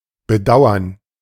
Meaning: 1. to regret 2. to pity
- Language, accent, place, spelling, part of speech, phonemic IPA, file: German, Germany, Berlin, bedauern, verb, /bəˈdaʊ̯ɐn/, De-bedauern.ogg